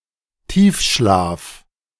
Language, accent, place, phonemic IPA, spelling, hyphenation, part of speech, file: German, Germany, Berlin, /ˈtiːfˌʃlaːf/, Tiefschlaf, Tief‧schlaf, noun, De-Tiefschlaf.ogg
- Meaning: deep sleep